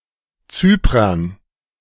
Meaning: dative plural of Zyprer
- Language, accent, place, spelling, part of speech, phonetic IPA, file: German, Germany, Berlin, Zyprern, noun, [ˈt͡syːpʁɐn], De-Zyprern.ogg